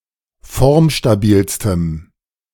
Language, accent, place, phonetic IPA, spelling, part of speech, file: German, Germany, Berlin, [ˈfɔʁmʃtaˌbiːlstəm], formstabilstem, adjective, De-formstabilstem.ogg
- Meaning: strong dative masculine/neuter singular superlative degree of formstabil